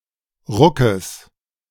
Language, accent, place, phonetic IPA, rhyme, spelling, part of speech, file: German, Germany, Berlin, [ˈʁʊkəs], -ʊkəs, Ruckes, noun, De-Ruckes.ogg
- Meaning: genitive singular of Ruck